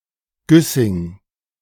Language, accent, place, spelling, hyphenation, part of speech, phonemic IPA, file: German, Germany, Berlin, Güssing, Güs‧sing, proper noun, /ˈɡʏsɪŋ/, De-Güssing.ogg
- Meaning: a town and municipality of Burgenland, Austria